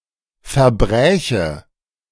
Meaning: first/third-person singular subjunctive II of verbrechen
- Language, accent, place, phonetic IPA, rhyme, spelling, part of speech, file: German, Germany, Berlin, [fɛɐ̯ˈbʁɛːçə], -ɛːçə, verbräche, verb, De-verbräche.ogg